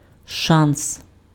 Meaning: chance
- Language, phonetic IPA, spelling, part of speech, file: Ukrainian, [ʃans], шанс, noun, Uk-шанс.ogg